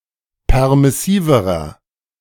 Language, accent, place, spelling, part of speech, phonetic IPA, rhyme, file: German, Germany, Berlin, permissiverer, adjective, [ˌpɛʁmɪˈsiːvəʁɐ], -iːvəʁɐ, De-permissiverer.ogg
- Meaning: inflection of permissiv: 1. strong/mixed nominative masculine singular comparative degree 2. strong genitive/dative feminine singular comparative degree 3. strong genitive plural comparative degree